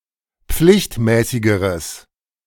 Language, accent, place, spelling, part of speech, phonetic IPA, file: German, Germany, Berlin, pflichtmäßigeres, adjective, [ˈp͡flɪçtˌmɛːsɪɡəʁəs], De-pflichtmäßigeres.ogg
- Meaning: strong/mixed nominative/accusative neuter singular comparative degree of pflichtmäßig